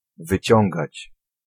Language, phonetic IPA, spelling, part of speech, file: Polish, [vɨˈt͡ɕɔ̃ŋɡat͡ɕ], wyciągać, verb, Pl-wyciągać.ogg